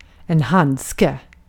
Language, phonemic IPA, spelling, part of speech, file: Swedish, /ˈhandˌskɛ/, handske, noun, Sv-handske.ogg
- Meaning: glove (an item of clothing), traditionally made of leather (but also includes gloves made of rubber and the like – sturdier gloves)